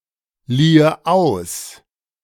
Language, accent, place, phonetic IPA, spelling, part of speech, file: German, Germany, Berlin, [ˌliːə ˈaʊ̯s], liehe aus, verb, De-liehe aus.ogg
- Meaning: first/third-person singular subjunctive II of ausleihen